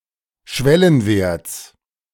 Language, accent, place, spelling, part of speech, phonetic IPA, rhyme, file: German, Germany, Berlin, Schwellenwerts, noun, [ˈʃvɛlənˌveːɐ̯t͡s], -ɛlənveːɐ̯t͡s, De-Schwellenwerts.ogg
- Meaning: genitive singular of Schwellenwert